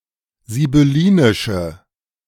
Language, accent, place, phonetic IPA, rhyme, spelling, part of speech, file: German, Germany, Berlin, [zibʏˈliːnɪʃə], -iːnɪʃə, sibyllinische, adjective, De-sibyllinische.ogg
- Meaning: inflection of sibyllinisch: 1. strong/mixed nominative/accusative feminine singular 2. strong nominative/accusative plural 3. weak nominative all-gender singular